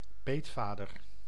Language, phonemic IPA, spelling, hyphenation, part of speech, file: Dutch, /ˈpeːtˌfaː.dər/, peetvader, peet‧va‧der, noun, Nl-peetvader.ogg
- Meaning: 1. godfather (mob boss) 2. godfather (male godparent)